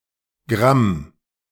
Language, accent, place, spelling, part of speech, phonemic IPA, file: German, Germany, Berlin, -gramm, suffix, /ɡʁam/, De--gramm.ogg
- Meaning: -gram